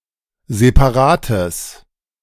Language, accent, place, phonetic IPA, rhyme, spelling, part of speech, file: German, Germany, Berlin, [zepaˈʁaːtəs], -aːtəs, separates, adjective, De-separates.ogg
- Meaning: strong/mixed nominative/accusative neuter singular of separat